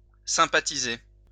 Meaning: to hit it off
- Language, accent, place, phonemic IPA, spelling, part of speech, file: French, France, Lyon, /sɛ̃.pa.ti.ze/, sympathiser, verb, LL-Q150 (fra)-sympathiser.wav